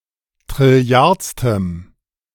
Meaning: strong dative masculine/neuter singular of trilliardste
- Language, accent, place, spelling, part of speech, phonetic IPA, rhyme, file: German, Germany, Berlin, trilliardstem, adjective, [tʁɪˈli̯aʁt͡stəm], -aʁt͡stəm, De-trilliardstem.ogg